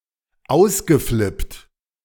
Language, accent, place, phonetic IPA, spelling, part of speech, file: German, Germany, Berlin, [ˈaʊ̯sɡəˌflɪpt], ausgeflippt, verb, De-ausgeflippt.ogg
- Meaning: past participle of ausflippen